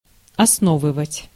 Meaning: 1. to found, to establish 2. to base upon, to build upon
- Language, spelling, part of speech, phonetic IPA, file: Russian, основывать, verb, [ɐsˈnovɨvətʲ], Ru-основывать.ogg